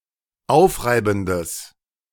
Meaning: strong/mixed nominative/accusative neuter singular of aufreibend
- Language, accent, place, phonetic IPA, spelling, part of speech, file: German, Germany, Berlin, [ˈaʊ̯fˌʁaɪ̯bn̩dəs], aufreibendes, adjective, De-aufreibendes.ogg